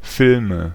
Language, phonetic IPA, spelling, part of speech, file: German, [ˈfɪlmə], Filme, noun, De-Filme.ogg
- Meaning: nominative/accusative/genitive plural of Film